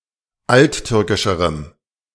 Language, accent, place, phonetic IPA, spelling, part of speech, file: German, Germany, Berlin, [ˈaltˌtʏʁkɪʃəʁəm], alttürkischerem, adjective, De-alttürkischerem.ogg
- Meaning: strong dative masculine/neuter singular comparative degree of alttürkisch